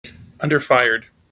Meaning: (adjective) 1. Fired at a low (or excessively low) temperature 2. Of a cooker: having a heat source that is underneath the food being cooked; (verb) simple past and past participle of underfire
- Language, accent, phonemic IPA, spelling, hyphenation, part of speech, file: English, General American, /ˈʌndɚˌfaɪ(ə)ɹd/, underfired, un‧der‧fir‧ed, adjective / verb, En-us-underfired.mp3